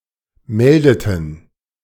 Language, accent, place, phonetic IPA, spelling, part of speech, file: German, Germany, Berlin, [ˈmɛldətn̩], meldeten, verb, De-meldeten.ogg
- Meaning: inflection of melden: 1. first/third-person plural preterite 2. first/third-person plural subjunctive II